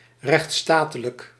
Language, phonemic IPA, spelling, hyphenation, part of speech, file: Dutch, /ˌrɛxt(s)ˈstaː.tə.lək/, rechtsstatelijk, rechts‧sta‧te‧lijk, adjective, Nl-rechtsstatelijk.ogg
- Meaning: pertaining to, in accordance with or compatible with the rule of law or a nation of laws